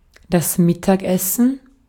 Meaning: lunch
- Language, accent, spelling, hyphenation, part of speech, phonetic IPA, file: German, Austria, Mittagessen, Mit‧tag‧es‧sen, noun, [ˈmɪtakʔɛsn̩], De-at-Mittagessen.ogg